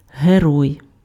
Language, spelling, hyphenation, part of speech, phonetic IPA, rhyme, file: Ukrainian, герой, ге‧рой, noun, [ɦeˈrɔi̯], -ɔi̯, Uk-герой.ogg
- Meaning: 1. hero 2. character